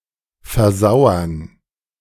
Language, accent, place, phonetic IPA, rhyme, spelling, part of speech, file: German, Germany, Berlin, [fɛɐ̯ˈzaʊ̯ɐn], -aʊ̯ɐn, versauern, verb, De-versauern.ogg
- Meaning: 1. to go stale 2. to acidify 3. to stagnate